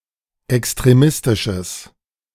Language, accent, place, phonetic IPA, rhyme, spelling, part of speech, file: German, Germany, Berlin, [ɛkstʁeˈmɪstɪʃəs], -ɪstɪʃəs, extremistisches, adjective, De-extremistisches.ogg
- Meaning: strong/mixed nominative/accusative neuter singular of extremistisch